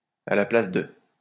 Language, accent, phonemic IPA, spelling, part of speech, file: French, France, /a la plas də/, à la place de, preposition, LL-Q150 (fra)-à la place de.wav
- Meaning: 1. instead of, in place of 2. ellipsis of si j'étais/j'avais été à la place de... (“if I were/I had been in the shoes of...”)